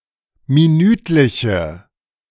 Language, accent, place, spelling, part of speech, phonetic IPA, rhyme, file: German, Germany, Berlin, minütliche, adjective, [miˈnyːtlɪçə], -yːtlɪçə, De-minütliche.ogg
- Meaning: inflection of minütlich: 1. strong/mixed nominative/accusative feminine singular 2. strong nominative/accusative plural 3. weak nominative all-gender singular